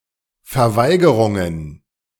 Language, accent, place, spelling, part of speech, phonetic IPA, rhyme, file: German, Germany, Berlin, Verweigerungen, noun, [fɛɐ̯ˈvaɪ̯ɡəʁʊŋən], -aɪ̯ɡəʁʊŋən, De-Verweigerungen.ogg
- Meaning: plural of Verweigerung